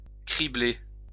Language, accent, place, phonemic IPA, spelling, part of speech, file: French, France, Lyon, /kʁi.ble/, cribler, verb, LL-Q150 (fra)-cribler.wav
- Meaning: 1. to sift, sieve (filter through a sieve or screen) 2. to riddle (cover with holes) 3. to riddle, fill, cover (fill or cover with a multitude of)